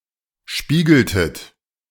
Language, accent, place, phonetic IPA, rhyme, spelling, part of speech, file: German, Germany, Berlin, [ˈʃpiːɡl̩tət], -iːɡl̩tət, spiegeltet, verb, De-spiegeltet.ogg
- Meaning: inflection of spiegeln: 1. second-person plural preterite 2. second-person plural subjunctive II